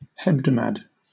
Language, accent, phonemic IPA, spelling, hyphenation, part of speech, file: English, Southern England, /ˈhɛbdəmæd/, hebdomad, heb‧do‧mad, noun, LL-Q1860 (eng)-hebdomad.wav
- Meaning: 1. A group of seven 2. A period of seven days; a week